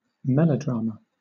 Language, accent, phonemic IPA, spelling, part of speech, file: English, Southern England, /ˈmɛləˌdɹɑːmə/, melodrama, noun, LL-Q1860 (eng)-melodrama.wav
- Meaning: A kind of drama having a musical accompaniment to intensify the effect of certain scenes